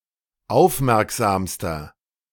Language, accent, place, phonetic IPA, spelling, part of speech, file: German, Germany, Berlin, [ˈaʊ̯fˌmɛʁkzaːmstɐ], aufmerksamster, adjective, De-aufmerksamster.ogg
- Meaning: inflection of aufmerksam: 1. strong/mixed nominative masculine singular superlative degree 2. strong genitive/dative feminine singular superlative degree 3. strong genitive plural superlative degree